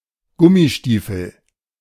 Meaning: Wellington boots (UK), wellies (UK), galoshes (US), rubber boots (US), rainboots
- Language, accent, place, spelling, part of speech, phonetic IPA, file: German, Germany, Berlin, Gummistiefel, noun, [ˈɡʊmiˌʃtiːfl̩], De-Gummistiefel.ogg